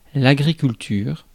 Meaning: agriculture
- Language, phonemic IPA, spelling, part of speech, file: French, /a.ɡʁi.kyl.tyʁ/, agriculture, noun, Fr-agriculture.ogg